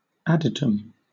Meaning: 1. The innermost sanctuary or shrine in a temple, from where oracles were given 2. A private chamber; a sanctum
- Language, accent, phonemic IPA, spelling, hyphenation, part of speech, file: English, Southern England, /ˈadɪtəm/, adytum, adyt‧um, noun, LL-Q1860 (eng)-adytum.wav